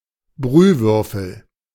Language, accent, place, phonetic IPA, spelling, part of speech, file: German, Germany, Berlin, [ˈbʁyːˌvʏʁfl̩], Brühwürfel, noun, De-Brühwürfel.ogg
- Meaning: stock cube (vegetable, meat or seasonings in a cube shape)